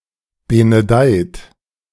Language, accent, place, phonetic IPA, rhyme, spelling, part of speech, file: German, Germany, Berlin, [ˌbenəˈdaɪ̯t], -aɪ̯t, benedeit, verb, De-benedeit.ogg
- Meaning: inflection of benedeien: 1. second-person plural present 2. third-person singular present 3. plural imperative